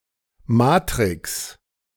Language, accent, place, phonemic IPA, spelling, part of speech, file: German, Germany, Berlin, /maːtrɪks/, Matrix, noun, De-Matrix.ogg
- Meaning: matrix